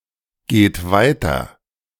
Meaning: inflection of weitergehen: 1. third-person singular present 2. second-person plural present 3. plural imperative
- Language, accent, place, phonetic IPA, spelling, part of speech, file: German, Germany, Berlin, [ˌɡeːt ˈvaɪ̯tɐ], geht weiter, verb, De-geht weiter.ogg